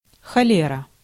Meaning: cholera
- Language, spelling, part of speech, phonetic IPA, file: Russian, холера, noun, [xɐˈlʲerə], Ru-холера.ogg